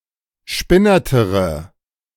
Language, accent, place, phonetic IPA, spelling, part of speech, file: German, Germany, Berlin, [ˈʃpɪnɐtəʁə], spinnertere, adjective, De-spinnertere.ogg
- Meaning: inflection of spinnert: 1. strong/mixed nominative/accusative feminine singular comparative degree 2. strong nominative/accusative plural comparative degree